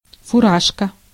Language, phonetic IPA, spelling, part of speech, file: Russian, [fʊˈraʂkə], фуражка, noun, Ru-фуражка.ogg
- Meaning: 1. peaked cap, combination cap, forage cap 2. service cap, wheel cap, combination cover